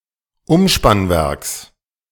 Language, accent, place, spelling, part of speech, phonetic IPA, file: German, Germany, Berlin, Umspannwerks, noun, [ˈʊmʃpanˌvɛʁks], De-Umspannwerks.ogg
- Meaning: genitive singular of Umspannwerk